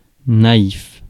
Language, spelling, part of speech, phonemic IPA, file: French, naïf, adjective, /na.if/, Fr-naïf.ogg
- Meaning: naive, dewy-eyed; gullible